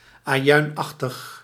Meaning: onionlike
- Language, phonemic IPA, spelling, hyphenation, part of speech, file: Dutch, /aːˈjœy̯nˌɑx.təx/, ajuinachtig, ajuin‧ach‧tig, adjective, Nl-ajuinachtig.ogg